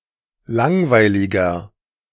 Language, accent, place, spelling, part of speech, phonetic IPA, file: German, Germany, Berlin, langweiliger, adjective, [ˈlaŋvaɪ̯lɪɡɐ], De-langweiliger.ogg
- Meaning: 1. comparative degree of langweilig 2. inflection of langweilig: strong/mixed nominative masculine singular 3. inflection of langweilig: strong genitive/dative feminine singular